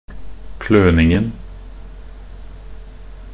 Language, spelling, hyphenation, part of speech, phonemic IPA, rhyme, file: Norwegian Bokmål, kløningen, kløn‧ing‧en, noun, /ˈkløːnɪŋn̩/, -ɪŋn̩, Nb-kløningen.ogg
- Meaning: definite masculine singular of kløning